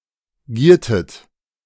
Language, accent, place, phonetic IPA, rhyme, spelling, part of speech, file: German, Germany, Berlin, [ˈɡiːɐ̯tət], -iːɐ̯tət, giertet, verb, De-giertet.ogg
- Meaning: inflection of gieren: 1. second-person plural preterite 2. second-person plural subjunctive II